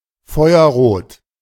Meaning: fire-red; as red as fire
- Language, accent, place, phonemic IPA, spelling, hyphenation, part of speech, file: German, Germany, Berlin, /ˈfɔɪ̯ɐʁoːt/, feuerrot, feu‧er‧rot, adjective, De-feuerrot.ogg